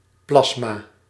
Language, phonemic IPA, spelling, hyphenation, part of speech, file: Dutch, /ˈplɑs.maː/, plasma, plas‧ma, noun, Nl-plasma.ogg
- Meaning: 1. plasma, dense ionised gas 2. blood plasma 3. cytoplasm 4. plasma, dark green type of quartz